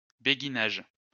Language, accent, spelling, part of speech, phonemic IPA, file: French, France, béguinage, noun, /be.ɡi.naʒ/, LL-Q150 (fra)-béguinage.wav
- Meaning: beguinage